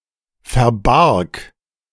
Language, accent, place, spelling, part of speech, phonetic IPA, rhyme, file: German, Germany, Berlin, verbarg, verb, [fɛɐ̯ˈbaʁk], -aʁk, De-verbarg.ogg
- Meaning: first/third-person singular preterite of verbergen